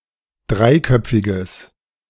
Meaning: strong/mixed nominative/accusative neuter singular of dreiköpfig
- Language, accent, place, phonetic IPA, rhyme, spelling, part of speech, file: German, Germany, Berlin, [ˈdʁaɪ̯ˌkœp͡fɪɡəs], -aɪ̯kœp͡fɪɡəs, dreiköpfiges, adjective, De-dreiköpfiges.ogg